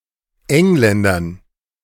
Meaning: dative plural of Engländer
- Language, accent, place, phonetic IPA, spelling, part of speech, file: German, Germany, Berlin, [ˈɛŋlɛndɐn], Engländern, noun, De-Engländern.ogg